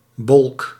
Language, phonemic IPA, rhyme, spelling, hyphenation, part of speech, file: Dutch, /bɔlk/, -ɔlk, bolk, bolk, noun, Nl-bolk.ogg
- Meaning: 1. pouting, bib, Trisopterus luscus 2. whiting or cod